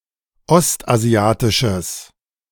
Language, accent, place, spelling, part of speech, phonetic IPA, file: German, Germany, Berlin, ostasiatisches, adjective, [ˈɔstʔaˌzi̯aːtɪʃəs], De-ostasiatisches.ogg
- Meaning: strong/mixed nominative/accusative neuter singular of ostasiatisch